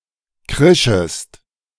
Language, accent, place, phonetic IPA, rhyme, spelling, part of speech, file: German, Germany, Berlin, [ˈkʁɪʃəst], -ɪʃəst, krischest, verb, De-krischest.ogg
- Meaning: second-person singular subjunctive I of kreischen